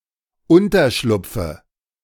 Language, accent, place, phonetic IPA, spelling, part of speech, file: German, Germany, Berlin, [ˈʊntɐˌʃlʊp͡fə], Unterschlupfe, noun, De-Unterschlupfe.ogg
- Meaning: dative of Unterschlupf